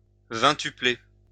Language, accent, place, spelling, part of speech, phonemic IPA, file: French, France, Lyon, vingtupler, verb, /vɛ̃.ty.ple/, LL-Q150 (fra)-vingtupler.wav
- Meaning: 1. to multiply by twenty 2. to make, or become, twenty times as large